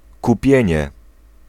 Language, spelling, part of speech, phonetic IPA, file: Polish, kupienie, noun, [kuˈpʲjɛ̇̃ɲɛ], Pl-kupienie.ogg